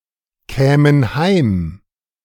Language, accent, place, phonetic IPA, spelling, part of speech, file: German, Germany, Berlin, [ˌkɛːmən ˈhaɪ̯m], kämen heim, verb, De-kämen heim.ogg
- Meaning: first/third-person plural subjunctive II of heimkommen